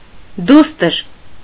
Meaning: daughter
- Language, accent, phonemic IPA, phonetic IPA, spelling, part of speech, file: Armenian, Eastern Armenian, /ˈdustəɾ/, [dústəɾ], դուստր, noun, Hy-դուստր.ogg